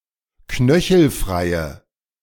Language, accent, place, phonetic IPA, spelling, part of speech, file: German, Germany, Berlin, [ˈknœçl̩ˌfʁaɪ̯ə], knöchelfreie, adjective, De-knöchelfreie.ogg
- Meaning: inflection of knöchelfrei: 1. strong/mixed nominative/accusative feminine singular 2. strong nominative/accusative plural 3. weak nominative all-gender singular